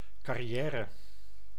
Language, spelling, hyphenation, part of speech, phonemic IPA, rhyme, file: Dutch, carrière, car‧ri‧è‧re, noun, /ˌkɑ.riˈɛː.rə/, -ɛːrə, Nl-carrière.ogg
- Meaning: career, a person's occupation(s)